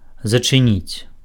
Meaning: to close
- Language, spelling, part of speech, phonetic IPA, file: Belarusian, зачыніць, verb, [zat͡ʂɨˈnʲit͡sʲ], Be-зачыніць.ogg